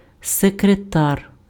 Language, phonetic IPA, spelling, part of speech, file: Ukrainian, [sekreˈtar], секретар, noun, Uk-секретар.ogg
- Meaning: secretary